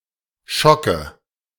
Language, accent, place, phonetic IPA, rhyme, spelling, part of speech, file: German, Germany, Berlin, [ˈʃɔkə], -ɔkə, Schocke, noun, De-Schocke.ogg
- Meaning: nominative/accusative/genitive plural of Schock